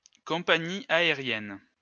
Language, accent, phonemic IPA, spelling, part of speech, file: French, France, /kɔ̃.pa.ɲi a.e.ʁjɛn/, compagnie aérienne, noun, LL-Q150 (fra)-compagnie aérienne.wav
- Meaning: airline (company that flies airplanes)